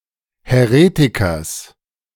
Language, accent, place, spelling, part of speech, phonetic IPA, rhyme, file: German, Germany, Berlin, Häretikers, noun, [hɛˈʁeːtɪkɐs], -eːtɪkɐs, De-Häretikers.ogg
- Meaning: genitive singular of Häretiker